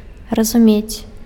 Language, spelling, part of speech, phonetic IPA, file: Belarusian, разумець, verb, [razuˈmʲet͡sʲ], Be-разумець.ogg
- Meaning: to understand